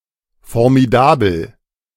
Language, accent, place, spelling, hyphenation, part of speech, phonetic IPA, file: German, Germany, Berlin, formidabel, for‧mi‧da‧bel, adjective, [fɔʁmiˈdaːbl̩], De-formidabel.ogg
- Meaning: 1. fantastic, outstanding 2. fearsome